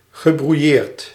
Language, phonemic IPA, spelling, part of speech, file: Dutch, /ɣəbruˈjert/, gebrouilleerd, adjective / verb, Nl-gebrouilleerd.ogg
- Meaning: not on the best of terms, quarreling, fighting, disagreeing